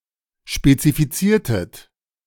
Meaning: inflection of spezifizieren: 1. second-person plural preterite 2. second-person plural subjunctive II
- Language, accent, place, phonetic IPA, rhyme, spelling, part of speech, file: German, Germany, Berlin, [ʃpet͡sifiˈt͡siːɐ̯tət], -iːɐ̯tət, spezifiziertet, verb, De-spezifiziertet.ogg